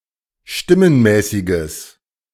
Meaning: strong/mixed nominative/accusative neuter singular of stimmenmäßig
- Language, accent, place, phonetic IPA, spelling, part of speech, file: German, Germany, Berlin, [ˈʃtɪmənˌmɛːsɪɡəs], stimmenmäßiges, adjective, De-stimmenmäßiges.ogg